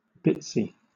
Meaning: 1. Fragmented 2. Very small, tiny
- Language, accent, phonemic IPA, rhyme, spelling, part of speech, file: English, Southern England, /ˈbɪtsi/, -ɪtsi, bitsy, adjective, LL-Q1860 (eng)-bitsy.wav